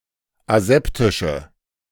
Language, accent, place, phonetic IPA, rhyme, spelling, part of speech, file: German, Germany, Berlin, [aˈzɛptɪʃə], -ɛptɪʃə, aseptische, adjective, De-aseptische.ogg
- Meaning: inflection of aseptisch: 1. strong/mixed nominative/accusative feminine singular 2. strong nominative/accusative plural 3. weak nominative all-gender singular